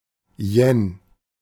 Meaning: yen (unit of Japanese currency)
- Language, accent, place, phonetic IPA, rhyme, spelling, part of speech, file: German, Germany, Berlin, [jɛn], -ɛn, Yen, noun, De-Yen.ogg